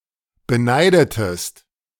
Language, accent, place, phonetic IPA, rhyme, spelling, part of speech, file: German, Germany, Berlin, [bəˈnaɪ̯dətəst], -aɪ̯dətəst, beneidetest, verb, De-beneidetest.ogg
- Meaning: inflection of beneiden: 1. second-person singular preterite 2. second-person singular subjunctive II